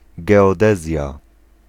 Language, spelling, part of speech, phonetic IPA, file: Polish, geodezja, noun, [ˌɡɛɔˈdɛzʲja], Pl-geodezja.ogg